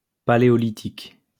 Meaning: Paleolithic (Old Stone Age)
- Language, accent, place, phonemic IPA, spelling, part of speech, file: French, France, Lyon, /pa.le.ɔ.li.tik/, paléolithique, noun, LL-Q150 (fra)-paléolithique.wav